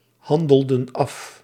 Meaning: inflection of afhandelen: 1. plural past indicative 2. plural past subjunctive
- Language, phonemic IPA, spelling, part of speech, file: Dutch, /ˈhɑndəldə(n) ˈɑf/, handelden af, verb, Nl-handelden af.ogg